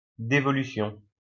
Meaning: devolution (transfer of power)
- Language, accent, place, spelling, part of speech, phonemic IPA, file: French, France, Lyon, dévolution, noun, /de.vɔ.ly.sjɔ̃/, LL-Q150 (fra)-dévolution.wav